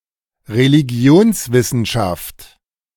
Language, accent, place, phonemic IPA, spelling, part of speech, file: German, Germany, Berlin, /ʁeliˈɡi̯oːnsˌvɪsn̩ʃaft/, Religionswissenschaft, noun, De-Religionswissenschaft.ogg
- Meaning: religious studies; the scientific study of religions